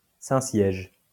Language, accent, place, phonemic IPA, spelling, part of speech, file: French, France, Lyon, /sɛ̃.sjɛʒ/, Saint-Siège, proper noun, LL-Q150 (fra)-Saint-Siège.wav
- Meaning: Holy See